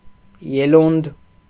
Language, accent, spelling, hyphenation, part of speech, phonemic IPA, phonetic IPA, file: Armenian, Eastern Armenian, ելունդ, ե‧լունդ, noun, /jeˈlund/, [jelúnd], Hy-ելունդ.ogg
- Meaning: small swelling; knob; tumor